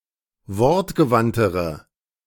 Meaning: inflection of wortgewandt: 1. strong/mixed nominative/accusative feminine singular comparative degree 2. strong nominative/accusative plural comparative degree
- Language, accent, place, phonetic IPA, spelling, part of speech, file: German, Germany, Berlin, [ˈvɔʁtɡəˌvantəʁə], wortgewandtere, adjective, De-wortgewandtere.ogg